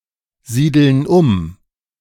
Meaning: inflection of umsiedeln: 1. first/third-person plural present 2. first/third-person plural subjunctive I
- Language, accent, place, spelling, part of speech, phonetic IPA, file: German, Germany, Berlin, siedeln um, verb, [ˌziːdl̩n ˈʊm], De-siedeln um.ogg